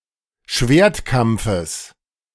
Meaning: genitive of Schwertkampf
- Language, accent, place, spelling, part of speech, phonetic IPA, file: German, Germany, Berlin, Schwertkampfes, noun, [ˈʃveːɐ̯tˌkamp͡fəs], De-Schwertkampfes.ogg